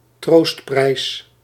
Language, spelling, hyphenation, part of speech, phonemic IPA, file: Dutch, troostprijs, troost‧prijs, noun, /ˈtroːst.prɛi̯s/, Nl-troostprijs.ogg
- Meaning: consolation prize, a prize awarded to a runner-up or other well performing non-winning participants